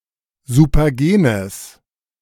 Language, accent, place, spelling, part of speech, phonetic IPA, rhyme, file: German, Germany, Berlin, supergenes, adjective, [zupɐˈɡeːnəs], -eːnəs, De-supergenes.ogg
- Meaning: strong/mixed nominative/accusative neuter singular of supergen